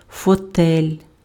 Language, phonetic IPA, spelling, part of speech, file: Ukrainian, [fɔˈtɛlʲ], фотель, noun, Uk-фотель.ogg
- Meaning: armchair